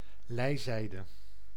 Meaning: lee (side of the ship away from the wind)
- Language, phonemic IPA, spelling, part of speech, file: Dutch, /ˈlɛi̯.zɛi̯.də/, lijzijde, noun, Nl-lijzijde.ogg